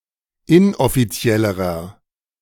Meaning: inflection of inoffiziell: 1. strong/mixed nominative masculine singular comparative degree 2. strong genitive/dative feminine singular comparative degree 3. strong genitive plural comparative degree
- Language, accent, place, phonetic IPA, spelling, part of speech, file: German, Germany, Berlin, [ˈɪnʔɔfiˌt͡si̯ɛləʁɐ], inoffiziellerer, adjective, De-inoffiziellerer.ogg